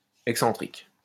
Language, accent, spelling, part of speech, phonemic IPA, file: French, France, excentrique, adjective, /ɛk.sɑ̃.tʁik/, LL-Q150 (fra)-excentrique.wav
- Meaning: 1. eccentric (away from the centre) 2. eccentric (not having the same centre) 3. eccentric (characterized by unusual behaviour), oddball